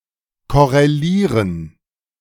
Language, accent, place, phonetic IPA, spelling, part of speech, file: German, Germany, Berlin, [ˌkɔʁeˈliːʁən], korrelieren, verb, De-korrelieren.ogg
- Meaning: 1. to correlate (to be related by a correlation) 2. to correlate (to compare in a specific way)